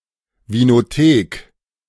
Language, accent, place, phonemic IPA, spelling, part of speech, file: German, Germany, Berlin, /vinoˈteːk/, Vinothek, noun, De-Vinothek.ogg
- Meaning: 1. wine collection 2. wine cellar with a wine bar 3. wine shop